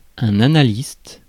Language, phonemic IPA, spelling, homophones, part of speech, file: French, /a.na.list/, analyste, annaliste / annalistes / analystes, noun, Fr-analyste.ogg
- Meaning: analyst (person who analyzes)